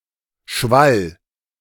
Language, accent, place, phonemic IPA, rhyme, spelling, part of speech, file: German, Germany, Berlin, /ˈʃval/, -al, Schwall, noun, De-Schwall.ogg
- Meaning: flood